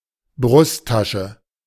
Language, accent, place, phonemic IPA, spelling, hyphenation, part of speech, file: German, Germany, Berlin, /ˈbʁʊstˌtaʃə/, Brusttasche, Brust‧ta‧sche, noun, De-Brusttasche.ogg
- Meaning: breast pocket